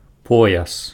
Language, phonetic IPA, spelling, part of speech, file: Belarusian, [ˈpojas], пояс, noun, Be-пояс.ogg
- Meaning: belt, girdle